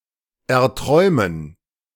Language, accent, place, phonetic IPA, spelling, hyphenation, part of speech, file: German, Germany, Berlin, [ɛɐ̯ˈtʁɔɪ̯mən], erträumen, er‧träu‧men, verb, De-erträumen.ogg
- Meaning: to dream of (being or having)